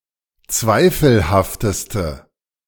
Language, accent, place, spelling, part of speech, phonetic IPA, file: German, Germany, Berlin, zweifelhafteste, adjective, [ˈt͡svaɪ̯fl̩haftəstə], De-zweifelhafteste.ogg
- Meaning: inflection of zweifelhaft: 1. strong/mixed nominative/accusative feminine singular superlative degree 2. strong nominative/accusative plural superlative degree